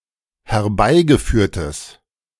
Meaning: strong/mixed nominative/accusative neuter singular of herbeigeführt
- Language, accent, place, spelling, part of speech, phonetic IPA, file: German, Germany, Berlin, herbeigeführtes, adjective, [hɛɐ̯ˈbaɪ̯ɡəˌfyːɐ̯təs], De-herbeigeführtes.ogg